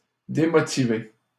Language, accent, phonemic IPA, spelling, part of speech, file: French, Canada, /de.mɔ.ti.ve/, démotiver, verb, LL-Q150 (fra)-démotiver.wav
- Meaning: to demotivate